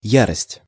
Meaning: fury, rage, frenzy
- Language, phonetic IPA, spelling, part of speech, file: Russian, [ˈjarəsʲtʲ], ярость, noun, Ru-ярость.ogg